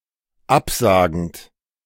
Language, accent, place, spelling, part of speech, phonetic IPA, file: German, Germany, Berlin, absagend, verb, [ˈapˌzaːɡn̩t], De-absagend.ogg
- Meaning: present participle of absagen